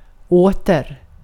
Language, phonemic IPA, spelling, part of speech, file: Swedish, /ˈoːtɛr/, åter, adverb, Sv-åter.ogg
- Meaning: 1. again 2. back